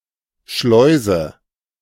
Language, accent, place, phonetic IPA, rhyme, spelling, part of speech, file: German, Germany, Berlin, [ˈʃlɔɪ̯.zə], -ɔɪ̯zə, Schleuse, noun, De-Schleuse.ogg
- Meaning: 1. sluice 2. lock (water transport)